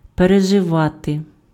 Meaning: 1. to survive, to outlive, to outlast (to live longer than) 2. to live through 3. to experience, to go through
- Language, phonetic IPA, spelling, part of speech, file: Ukrainian, [pereʒeˈʋate], переживати, verb, Uk-переживати.ogg